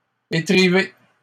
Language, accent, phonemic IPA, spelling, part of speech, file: French, Canada, /e.tʁi.ve/, étriver, verb, LL-Q150 (fra)-étriver.wav
- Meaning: to tie together two ropes with a third